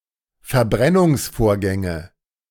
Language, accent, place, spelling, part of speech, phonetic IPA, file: German, Germany, Berlin, Verbrennungsvorgänge, noun, [fɛɐ̯ˈbʁɛnʊŋsˌfoːɐ̯ɡɛŋə], De-Verbrennungsvorgänge.ogg
- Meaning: nominative/accusative/genitive plural of Verbrennungsvorgang